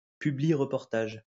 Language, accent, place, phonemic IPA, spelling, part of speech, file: French, France, Lyon, /py.bliʁ.pɔʁ.taʒ/, publireportage, noun, LL-Q150 (fra)-publireportage.wav
- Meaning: infomercial